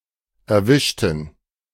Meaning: inflection of erwischen: 1. first/third-person plural preterite 2. first/third-person plural subjunctive II
- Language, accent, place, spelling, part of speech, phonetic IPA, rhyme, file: German, Germany, Berlin, erwischten, adjective / verb, [ɛɐ̯ˈvɪʃtn̩], -ɪʃtn̩, De-erwischten.ogg